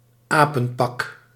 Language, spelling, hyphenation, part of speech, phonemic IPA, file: Dutch, apenpak, apen‧pak, noun, /ˈaː.pə(n)ˌpɑk/, Nl-apenpak.ogg
- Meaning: 1. a silly uniform or custome 2. a monkey costume